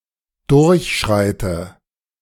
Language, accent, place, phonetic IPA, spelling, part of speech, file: German, Germany, Berlin, [ˈdʊʁçˌʃʁaɪ̯tə], durchschreite, verb, De-durchschreite.ogg
- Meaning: inflection of durchschreiten: 1. first-person singular present 2. first/third-person singular subjunctive I 3. singular imperative